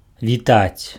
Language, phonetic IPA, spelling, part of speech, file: Belarusian, [vʲiˈtat͡sʲ], вітаць, verb, Be-вітаць.ogg
- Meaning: 1. to greet, to hail, to salute 2. to congratulate, to give best wishes 3. to soar, to hover